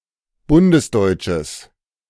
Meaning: strong/mixed nominative/accusative neuter singular of bundesdeutsch
- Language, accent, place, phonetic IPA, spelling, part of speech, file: German, Germany, Berlin, [ˈbʊndəsˌdɔɪ̯t͡ʃəs], bundesdeutsches, adjective, De-bundesdeutsches.ogg